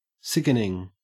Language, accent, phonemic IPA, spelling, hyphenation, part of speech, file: English, Australia, /ˈsɪk(ə)nɪŋ/, sickening, sick‧en‧ing, verb / adjective / noun, En-au-sickening.ogg
- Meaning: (verb) present participle and gerund of sicken; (adjective) 1. Causing sickness or disgust 2. Amazing, fantastic; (noun) The act of making somebody sick